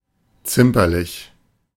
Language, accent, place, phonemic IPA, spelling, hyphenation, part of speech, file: German, Germany, Berlin, /ˈt͡sɪmpɐlɪç/, zimperlich, zim‧per‧lich, adjective, De-zimperlich.ogg
- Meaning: 1. squeamish 2. prissy